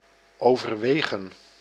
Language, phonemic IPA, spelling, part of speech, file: Dutch, /oː.vərˈʋeː.ɣə(n)/, overwegen, verb, Nl-overwegen.ogg
- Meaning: to consider (think about doing)